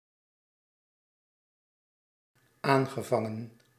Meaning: past participle of aanvangen
- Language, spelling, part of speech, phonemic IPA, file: Dutch, aangevangen, verb, /ˈaŋɣəˌvɑŋə(n)/, Nl-aangevangen.ogg